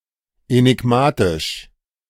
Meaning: alternative form of enigmatisch
- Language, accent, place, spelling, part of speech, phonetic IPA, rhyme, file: German, Germany, Berlin, änigmatisch, adjective, [ɛnɪˈɡmaːtɪʃ], -aːtɪʃ, De-änigmatisch.ogg